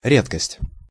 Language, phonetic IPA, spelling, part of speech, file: Russian, [ˈrʲetkəsʲtʲ], редкость, noun, Ru-редкость.ogg
- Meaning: 1. rarity, uncommon thing; scarcity 2. curio